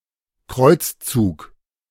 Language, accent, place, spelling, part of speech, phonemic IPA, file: German, Germany, Berlin, Kreuzzug, noun, /ˈkʁɔʏ̯t͡sˌt͡suːk/, De-Kreuzzug.ogg
- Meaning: crusade